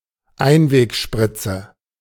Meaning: disposable syringe
- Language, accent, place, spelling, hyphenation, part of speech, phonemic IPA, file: German, Germany, Berlin, Einwegspritze, Ein‧weg‧sprit‧ze, noun, /ˈaɪ̯nveːkˌʃpʁɪt͡sə/, De-Einwegspritze.ogg